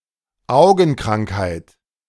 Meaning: eye disease
- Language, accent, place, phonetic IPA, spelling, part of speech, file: German, Germany, Berlin, [ˈʔaʊ̯ɡn̩ˌkʁaŋkhaɪ̯t], Augenkrankheit, noun, De-Augenkrankheit.ogg